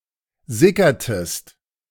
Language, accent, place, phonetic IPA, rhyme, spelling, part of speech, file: German, Germany, Berlin, [ˈzɪkɐtəst], -ɪkɐtəst, sickertest, verb, De-sickertest.ogg
- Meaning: inflection of sickern: 1. second-person singular preterite 2. second-person singular subjunctive II